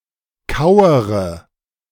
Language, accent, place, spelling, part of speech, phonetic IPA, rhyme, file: German, Germany, Berlin, kauere, verb, [ˈkaʊ̯əʁə], -aʊ̯əʁə, De-kauere.ogg
- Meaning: inflection of kauern: 1. first-person singular present 2. first/third-person singular subjunctive I 3. singular imperative